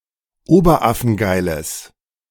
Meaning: strong/mixed nominative/accusative neuter singular of oberaffengeil
- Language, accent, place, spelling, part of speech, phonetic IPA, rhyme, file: German, Germany, Berlin, oberaffengeiles, adjective, [ˈoːbɐˈʔafn̩ˈɡaɪ̯ləs], -aɪ̯ləs, De-oberaffengeiles.ogg